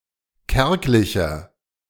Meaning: 1. comparative degree of kärglich 2. inflection of kärglich: strong/mixed nominative masculine singular 3. inflection of kärglich: strong genitive/dative feminine singular
- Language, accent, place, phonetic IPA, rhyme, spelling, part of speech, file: German, Germany, Berlin, [ˈkɛʁklɪçɐ], -ɛʁklɪçɐ, kärglicher, adjective, De-kärglicher.ogg